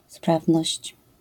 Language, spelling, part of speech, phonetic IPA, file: Polish, sprawność, noun, [ˈspravnɔɕt͡ɕ], LL-Q809 (pol)-sprawność.wav